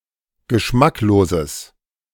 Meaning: strong/mixed nominative/accusative neuter singular of geschmacklos
- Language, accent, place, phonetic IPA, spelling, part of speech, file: German, Germany, Berlin, [ɡəˈʃmakloːzəs], geschmackloses, adjective, De-geschmackloses.ogg